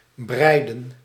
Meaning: 1. inflection of breien: plural past indicative 2. inflection of breien: plural past subjunctive 3. dated form of breien
- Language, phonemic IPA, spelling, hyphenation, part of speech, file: Dutch, /ˈbrɛi̯də(n)/, breiden, brei‧den, verb, Nl-breiden.ogg